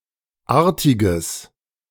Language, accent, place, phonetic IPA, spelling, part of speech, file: German, Germany, Berlin, [ˈaːɐ̯tɪɡəs], artiges, adjective, De-artiges.ogg
- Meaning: strong/mixed nominative/accusative neuter singular of artig